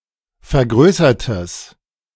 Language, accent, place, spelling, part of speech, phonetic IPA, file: German, Germany, Berlin, vergrößertes, adjective, [fɛɐ̯ˈɡʁøːsɐtəs], De-vergrößertes.ogg
- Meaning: strong/mixed nominative/accusative neuter singular of vergrößert